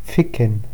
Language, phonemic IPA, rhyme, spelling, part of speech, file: German, /ˈfɪkən/, -ɪkən, ficken, verb / interjection, DE-ficken.ogg
- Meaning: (verb) 1. to fuck 2. to rub; slide; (interjection) fuck!